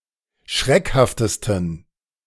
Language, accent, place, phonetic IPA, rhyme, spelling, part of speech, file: German, Germany, Berlin, [ˈʃʁɛkhaftəstn̩], -ɛkhaftəstn̩, schreckhaftesten, adjective, De-schreckhaftesten.ogg
- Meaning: 1. superlative degree of schreckhaft 2. inflection of schreckhaft: strong genitive masculine/neuter singular superlative degree